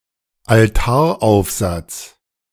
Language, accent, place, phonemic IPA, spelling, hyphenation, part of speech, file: German, Germany, Berlin, /alˈtaːɐ̯ˌaʊ̯fzat͡s/, Altaraufsatz, Al‧tar‧auf‧satz, noun, De-Altaraufsatz.ogg
- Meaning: retable